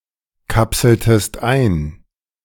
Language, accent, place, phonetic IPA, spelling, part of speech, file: German, Germany, Berlin, [ˌkapsl̩təst ˈaɪ̯n], kapseltest ein, verb, De-kapseltest ein.ogg
- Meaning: inflection of einkapseln: 1. second-person singular preterite 2. second-person singular subjunctive II